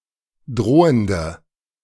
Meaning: inflection of drohend: 1. strong/mixed nominative/accusative feminine singular 2. strong nominative/accusative plural 3. weak nominative all-gender singular 4. weak accusative feminine/neuter singular
- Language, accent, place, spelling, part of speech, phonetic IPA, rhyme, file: German, Germany, Berlin, drohende, adjective, [ˈdʁoːəndə], -oːəndə, De-drohende.ogg